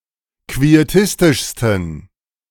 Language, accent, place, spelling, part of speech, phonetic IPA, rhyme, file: German, Germany, Berlin, quietistischsten, adjective, [kvieˈtɪstɪʃstn̩], -ɪstɪʃstn̩, De-quietistischsten.ogg
- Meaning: 1. superlative degree of quietistisch 2. inflection of quietistisch: strong genitive masculine/neuter singular superlative degree